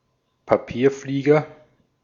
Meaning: paper airplane (US), paper aeroplane (British), paper plane
- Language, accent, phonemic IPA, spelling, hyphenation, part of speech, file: German, Austria, /paˈpiːɐ̯ˌfliːɡɐ/, Papierflieger, Pa‧pier‧flie‧ger, noun, De-at-Papierflieger.ogg